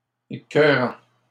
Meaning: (adjective) 1. sickening, nauseating 2. very good, excellent; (noun) an annoying person; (verb) present participle of écœurer
- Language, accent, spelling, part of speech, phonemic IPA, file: French, Canada, écœurant, adjective / noun / verb, /e.kœ.ʁɑ̃/, LL-Q150 (fra)-écœurant.wav